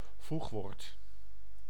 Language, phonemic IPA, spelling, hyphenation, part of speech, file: Dutch, /ˈvux.ʋoːrt/, voegwoord, voeg‧woord, noun, Nl-voegwoord.ogg
- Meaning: conjunction